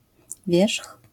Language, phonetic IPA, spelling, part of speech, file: Polish, [vʲjɛʃx], wierzch, noun, LL-Q809 (pol)-wierzch.wav